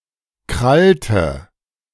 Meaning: inflection of krallen: 1. first/third-person singular preterite 2. first/third-person singular subjunctive II
- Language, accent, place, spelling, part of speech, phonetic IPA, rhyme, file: German, Germany, Berlin, krallte, verb, [ˈkʁaltə], -altə, De-krallte.ogg